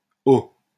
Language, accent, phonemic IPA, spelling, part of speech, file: French, France, /o/, ho, interjection, LL-Q150 (fra)-ho.wav
- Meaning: 1. Used by tamers to calm the animal they are taming, especially horses; whoa 2. Used to express surprise or shock